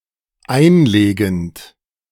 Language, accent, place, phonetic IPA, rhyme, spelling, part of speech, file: German, Germany, Berlin, [ˈaɪ̯nˌleːɡn̩t], -aɪ̯nleːɡn̩t, einlegend, verb, De-einlegend.ogg
- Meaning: present participle of einlegen